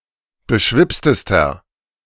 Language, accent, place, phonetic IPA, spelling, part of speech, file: German, Germany, Berlin, [bəˈʃvɪpstəstɐ], beschwipstester, adjective, De-beschwipstester.ogg
- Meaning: inflection of beschwipst: 1. strong/mixed nominative masculine singular superlative degree 2. strong genitive/dative feminine singular superlative degree 3. strong genitive plural superlative degree